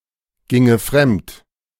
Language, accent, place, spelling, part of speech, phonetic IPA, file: German, Germany, Berlin, ginge fremd, verb, [ˌɡɪŋə ˈfʁɛmt], De-ginge fremd.ogg
- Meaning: first/third-person singular subjunctive II of fremdgehen